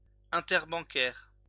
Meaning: interbank
- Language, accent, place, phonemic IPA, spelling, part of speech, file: French, France, Lyon, /ɛ̃.tɛʁ.bɑ̃.kɛʁ/, interbancaire, adjective, LL-Q150 (fra)-interbancaire.wav